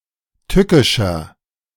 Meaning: 1. comparative degree of tückisch 2. inflection of tückisch: strong/mixed nominative masculine singular 3. inflection of tückisch: strong genitive/dative feminine singular
- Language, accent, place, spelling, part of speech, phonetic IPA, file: German, Germany, Berlin, tückischer, adjective, [ˈtʏkɪʃɐ], De-tückischer.ogg